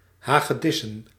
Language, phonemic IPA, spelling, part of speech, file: Dutch, /ˌhaɣəˈdɪsə(n)/, hagedissen, noun, Nl-hagedissen.ogg
- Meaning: plural of hagedis